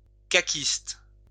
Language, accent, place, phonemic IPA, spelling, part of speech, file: French, France, Lyon, /ka.kist/, caquiste, noun / adjective, LL-Q150 (fra)-caquiste.wav
- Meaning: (noun) a member of the Coalition Avenir Québec; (adjective) of the Coalition Avenir Québec